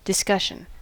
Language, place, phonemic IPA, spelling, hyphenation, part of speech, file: English, California, /dɪˈskʌʃ.ən/, discussion, dis‧cus‧sion, noun, En-us-discussion.ogg
- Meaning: 1. Conversation or debate concerning a particular topic 2. Text giving further detail on a subject 3. The dispersion of a tumour